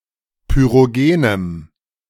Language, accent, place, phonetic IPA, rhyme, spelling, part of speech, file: German, Germany, Berlin, [pyʁoˈɡeːnəm], -eːnəm, pyrogenem, adjective, De-pyrogenem.ogg
- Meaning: strong dative masculine/neuter singular of pyrogen